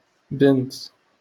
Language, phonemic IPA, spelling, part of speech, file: Moroccan Arabic, /bint/, بنت, noun, LL-Q56426 (ary)-بنت.wav
- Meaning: 1. daughter 2. girl (female child) 3. young woman